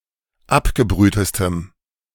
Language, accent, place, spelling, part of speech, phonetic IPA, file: German, Germany, Berlin, abgebrühtestem, adjective, [ˈapɡəˌbʁyːtəstəm], De-abgebrühtestem.ogg
- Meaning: strong dative masculine/neuter singular superlative degree of abgebrüht